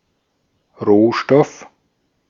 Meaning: 1. raw material, material 2. resource 3. commodity
- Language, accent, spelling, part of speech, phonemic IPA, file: German, Austria, Rohstoff, noun, /ˈʁoːʃtɔf/, De-at-Rohstoff.ogg